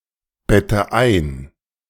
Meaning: inflection of einbetten: 1. first-person singular present 2. first/third-person singular subjunctive I 3. singular imperative
- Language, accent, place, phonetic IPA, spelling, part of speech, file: German, Germany, Berlin, [ˌbɛtə ˈaɪ̯n], bette ein, verb, De-bette ein.ogg